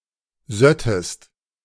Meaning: second-person singular subjunctive II of sieden
- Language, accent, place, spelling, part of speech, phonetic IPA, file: German, Germany, Berlin, söttest, verb, [ˈzœtəst], De-söttest.ogg